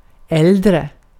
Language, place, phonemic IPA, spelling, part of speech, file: Swedish, Gotland, /ˈɛldrɛ/, äldre, adjective, Sv-äldre.ogg
- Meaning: 1. comparative degree of gammal 2. elderly